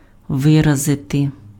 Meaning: to express (convey meaning)
- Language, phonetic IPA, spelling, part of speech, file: Ukrainian, [ˈʋɪrɐzete], виразити, verb, Uk-виразити.ogg